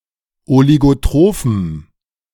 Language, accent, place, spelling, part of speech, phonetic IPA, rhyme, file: German, Germany, Berlin, oligotrophem, adjective, [oliɡoˈtʁoːfm̩], -oːfm̩, De-oligotrophem.ogg
- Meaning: strong dative masculine/neuter singular of oligotroph